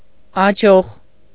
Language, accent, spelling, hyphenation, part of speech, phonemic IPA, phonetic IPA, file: Armenian, Eastern Armenian, աջող, ա‧ջող, adjective / adverb, /ɑˈd͡ʒoʁ/, [ɑd͡ʒóʁ], Hy-աջող.ogg
- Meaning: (adjective) alternative form of հաջող (haǰoġ)